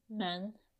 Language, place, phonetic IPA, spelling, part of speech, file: Azerbaijani, Baku, [mæn], mən, pronoun, Az-az-mən.ogg
- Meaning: I